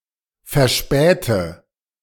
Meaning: inflection of verspäten: 1. first-person singular present 2. first/third-person singular subjunctive I 3. singular imperative
- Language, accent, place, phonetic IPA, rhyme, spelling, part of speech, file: German, Germany, Berlin, [fɛɐ̯ˈʃpɛːtə], -ɛːtə, verspäte, verb, De-verspäte.ogg